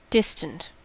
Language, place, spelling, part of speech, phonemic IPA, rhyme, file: English, California, distant, adjective / noun, /ˈdɪstənt/, -ɪstənt, En-us-distant.ogg
- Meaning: 1. Far off (physically, logically or mentally) 2. Emotionally unresponsive or unwilling to express genuine feelings